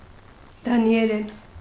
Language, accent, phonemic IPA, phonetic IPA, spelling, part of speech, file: Armenian, Eastern Armenian, /dɑnieˈɾen/, [dɑni(j)eɾén], դանիերեն, noun / adverb / adjective, Hy-դանիերեն.ogg
- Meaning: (noun) Danish (language); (adverb) in Danish; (adjective) Danish (of or pertaining to the language)